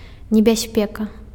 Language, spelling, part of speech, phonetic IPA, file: Belarusian, небяспека, noun, [nʲebʲaˈsʲpʲeka], Be-небяспека.ogg
- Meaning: danger